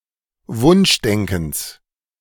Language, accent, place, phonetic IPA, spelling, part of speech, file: German, Germany, Berlin, [ˈvʊnʃˌdɛŋkn̩s], Wunschdenkens, noun, De-Wunschdenkens.ogg
- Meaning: genitive of Wunschdenken